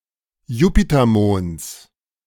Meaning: genitive singular of Jupitermond
- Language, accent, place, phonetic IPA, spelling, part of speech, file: German, Germany, Berlin, [ˈjuːpitɐˌmoːnt͡s], Jupitermonds, noun, De-Jupitermonds.ogg